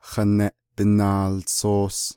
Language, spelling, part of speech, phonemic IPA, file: Navajo, haneʼ binaaltsoos, noun, /hɑ̀nɛ̀ʔ pɪ̀nɑ̀ːlt͡sʰòːs/, Nv-haneʼ binaaltsoos.ogg
- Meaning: newspaper